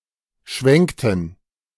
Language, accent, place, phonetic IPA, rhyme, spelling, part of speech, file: German, Germany, Berlin, [ˈʃvɛŋktn̩], -ɛŋktn̩, schwenkten, verb, De-schwenkten.ogg
- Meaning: inflection of schwenken: 1. first/third-person plural preterite 2. first/third-person plural subjunctive II